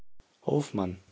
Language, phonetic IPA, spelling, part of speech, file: German, [ˈhoːfˌman], Hofmann, proper noun, De-Hofmann.ogg
- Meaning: a common surname originating as an occupation